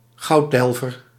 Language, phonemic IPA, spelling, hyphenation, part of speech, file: Dutch, /ˈɣɑu̯(t)ˌdɛl.vər/, gouddelver, goud‧del‧ver, noun, Nl-gouddelver.ogg
- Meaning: a goldminer